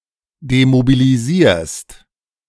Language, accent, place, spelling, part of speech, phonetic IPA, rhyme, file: German, Germany, Berlin, demobilisierst, verb, [demobiliˈziːɐ̯st], -iːɐ̯st, De-demobilisierst.ogg
- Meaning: second-person singular present of demobilisieren